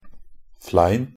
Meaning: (noun) a layer of hard ice crust on the ground; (adjective) bare or uncovered; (noun) 1. a knot, scab or wound, especially on a cow, horse or sheep 2. an arrow with a barb
- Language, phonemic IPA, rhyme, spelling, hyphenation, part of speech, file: Norwegian Bokmål, /ˈflæɪn/, -æɪn, flein, flein, noun / adjective, Nb-flein.ogg